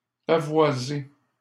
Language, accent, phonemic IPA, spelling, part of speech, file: French, Canada, /pa.vwa.ze/, pavoiser, verb, LL-Q150 (fra)-pavoiser.wav
- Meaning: to deck with flags